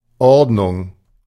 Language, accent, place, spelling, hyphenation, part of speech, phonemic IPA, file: German, Germany, Berlin, Ordnung, Ord‧nung, noun, /ˈɔrdnʊŋ/, De-Ordnung.ogg
- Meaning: 1. arrangement, regulation 2. classification, order, array 3. tidiness, orderliness 4. class, rank, succession, series 5. Ordnung (Amish rules of living)